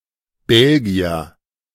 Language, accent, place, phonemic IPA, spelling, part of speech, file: German, Germany, Berlin, /ˈbɛlɡi̯ɐ/, Belgier, noun, De-Belgier.ogg
- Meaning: Belgian (man from Belgium)